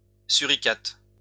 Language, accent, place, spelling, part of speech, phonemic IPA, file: French, France, Lyon, suricate, noun, /sy.ʁi.kat/, LL-Q150 (fra)-suricate.wav
- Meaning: meerkat (mammal)